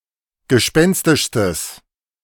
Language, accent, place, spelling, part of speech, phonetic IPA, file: German, Germany, Berlin, gespenstischstes, adjective, [ɡəˈʃpɛnstɪʃstəs], De-gespenstischstes.ogg
- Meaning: strong/mixed nominative/accusative neuter singular superlative degree of gespenstisch